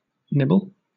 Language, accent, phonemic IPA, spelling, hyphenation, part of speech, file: English, Southern England, /ˈnɪbl̩/, nibble, nib‧ble, verb / noun, LL-Q1860 (eng)-nibble.wav
- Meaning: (verb) 1. To take a small, quick bite, or several of such bites, of (something) 2. To lightly bite (a person or animal, or part of their body), especially in a loving or playful manner; to nip